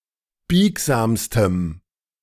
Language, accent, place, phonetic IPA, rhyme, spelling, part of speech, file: German, Germany, Berlin, [ˈbiːkzaːmstəm], -iːkzaːmstəm, biegsamstem, adjective, De-biegsamstem.ogg
- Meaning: strong dative masculine/neuter singular superlative degree of biegsam